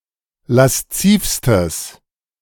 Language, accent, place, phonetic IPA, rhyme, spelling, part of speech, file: German, Germany, Berlin, [lasˈt͡siːfstəs], -iːfstəs, laszivstes, adjective, De-laszivstes.ogg
- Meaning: strong/mixed nominative/accusative neuter singular superlative degree of lasziv